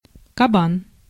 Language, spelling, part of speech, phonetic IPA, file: Russian, кабан, noun, [kɐˈban], Ru-кабан.ogg
- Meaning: 1. boar, wild boar 2. boar, male pig 3. lardass, oinker (a fat man)